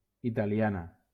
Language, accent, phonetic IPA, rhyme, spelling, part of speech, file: Catalan, Valencia, [i.ta.liˈa.na], -ana, italiana, adjective / noun, LL-Q7026 (cat)-italiana.wav
- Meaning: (adjective) feminine singular of italià; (noun) female equivalent of italià